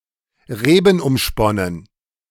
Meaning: vine-clad
- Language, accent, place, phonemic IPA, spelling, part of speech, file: German, Germany, Berlin, /ˈʁeːbn̩ʔʊmˌʃpɔnən/, rebenumsponnen, adjective, De-rebenumsponnen.ogg